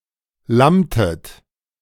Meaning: inflection of lammen: 1. second-person plural preterite 2. second-person plural subjunctive II
- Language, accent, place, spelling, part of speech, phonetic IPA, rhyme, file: German, Germany, Berlin, lammtet, verb, [ˈlamtət], -amtət, De-lammtet.ogg